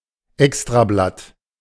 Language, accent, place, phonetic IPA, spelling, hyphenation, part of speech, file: German, Germany, Berlin, [ˈɛkstʁaˌblat], Extrablatt, Ex‧tra‧blatt, noun, De-Extrablatt.ogg
- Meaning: special edition (of a newspaper)